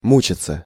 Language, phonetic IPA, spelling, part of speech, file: Russian, [ˈmut͡ɕɪt͡sə], мучаться, verb, Ru-мучаться.ogg
- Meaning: 1. alternative form of му́читься (múčitʹsja) 2. passive of му́чать (múčatʹ)